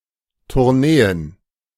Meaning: plural of Tournee
- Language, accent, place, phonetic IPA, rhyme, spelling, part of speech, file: German, Germany, Berlin, [tʊʁˈneːən], -eːən, Tourneen, noun, De-Tourneen.ogg